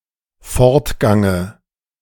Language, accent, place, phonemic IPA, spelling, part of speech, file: German, Germany, Berlin, /ˈfɔʁtˌɡaŋə/, Fortgange, noun, De-Fortgange.ogg
- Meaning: dative singular of Fortgang